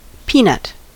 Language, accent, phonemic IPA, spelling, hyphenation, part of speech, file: English, General American, /ˈpiˌnʌt/, peanut, pea‧nut, noun / verb, En-us-peanut.ogg
- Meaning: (noun) 1. A legume resembling a nut, the fruit of the plant Arachis hypogaea, native to South America 2. Synonym of countneck (“very small hard clam”) 3. See peanuts (“very small amount”)